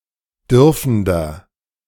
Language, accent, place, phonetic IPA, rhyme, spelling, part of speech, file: German, Germany, Berlin, [ˈdʏʁfn̩dɐ], -ʏʁfn̩dɐ, dürfender, adjective, De-dürfender.ogg
- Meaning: inflection of dürfend: 1. strong/mixed nominative masculine singular 2. strong genitive/dative feminine singular 3. strong genitive plural